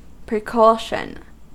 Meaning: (noun) 1. Previous caution or care; caution previously employed to prevent misfortune or to secure good 2. A measure taken beforehand to ward off evil or secure good or success; a precautionary act
- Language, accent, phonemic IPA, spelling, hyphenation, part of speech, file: English, US, /pɹiːˈkɔ.ʃən/, precaution, pre‧cau‧tion, noun / verb, En-us-precaution.ogg